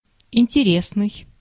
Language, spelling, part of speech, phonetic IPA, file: Russian, интересный, adjective, [ɪnʲtʲɪˈrʲesnɨj], Ru-интересный.ogg
- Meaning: 1. interesting 2. handsome, attractive